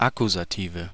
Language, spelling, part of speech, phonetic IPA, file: German, Akkusative, noun, [ˈakuzaˌtiːvə], De-Akkusative.ogg
- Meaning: nominative/accusative/genitive plural of Akkusativ